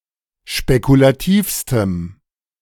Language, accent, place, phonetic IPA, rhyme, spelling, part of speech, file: German, Germany, Berlin, [ʃpekulaˈtiːfstəm], -iːfstəm, spekulativstem, adjective, De-spekulativstem.ogg
- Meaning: strong dative masculine/neuter singular superlative degree of spekulativ